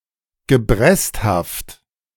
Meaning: sickly (having the appearance of sickness)
- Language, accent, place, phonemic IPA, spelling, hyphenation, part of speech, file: German, Germany, Berlin, /ɡəˈbʁɛstˌhaft/, gebresthaft, ge‧brest‧haft, adjective, De-gebresthaft.ogg